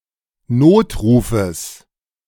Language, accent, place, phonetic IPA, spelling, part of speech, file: German, Germany, Berlin, [ˈnoːtˌʁuːfəs], Notrufes, noun, De-Notrufes.ogg
- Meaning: genitive singular of Notruf